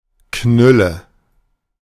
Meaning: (adjective) 1. wasted, pissed, bombed (very drunk) 2. beat, exhausted; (verb) inflection of knüllen: 1. first-person singular present 2. first/third-person singular subjunctive I
- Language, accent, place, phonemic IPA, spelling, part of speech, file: German, Germany, Berlin, /ˈknʏlə/, knülle, adjective / verb, De-knülle.ogg